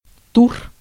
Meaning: 1. round 2. tour 3. turn (dance) 4. cairn 5. aurochs 6. tur (a couple of species: West Caucasian goat (Capra caucasica) and East Caucasian goat (Capra cylindricornis)) 7. genitive plural of тур (tur)
- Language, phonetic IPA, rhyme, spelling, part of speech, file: Russian, [tur], -ur, тур, noun, Ru-тур.ogg